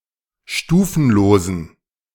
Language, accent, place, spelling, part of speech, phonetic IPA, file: German, Germany, Berlin, stufenlosen, adjective, [ˈʃtuːfn̩loːzn̩], De-stufenlosen.ogg
- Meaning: inflection of stufenlos: 1. strong genitive masculine/neuter singular 2. weak/mixed genitive/dative all-gender singular 3. strong/weak/mixed accusative masculine singular 4. strong dative plural